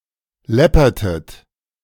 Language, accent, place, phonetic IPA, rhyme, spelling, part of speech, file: German, Germany, Berlin, [ˈlɛpɐtət], -ɛpɐtət, läppertet, verb, De-läppertet.ogg
- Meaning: inflection of läppern: 1. second-person plural preterite 2. second-person plural subjunctive II